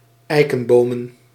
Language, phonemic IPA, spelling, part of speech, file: Dutch, /ˈɛikə(n)ˌbomə(n)/, eikenbomen, noun, Nl-eikenbomen.ogg
- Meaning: plural of eikenboom